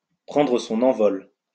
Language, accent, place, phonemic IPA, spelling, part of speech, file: French, France, Lyon, /pʁɑ̃.dʁə sɔ̃.n‿ɑ̃.vɔl/, prendre son envol, verb, LL-Q150 (fra)-prendre son envol.wav
- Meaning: to take off, to take flight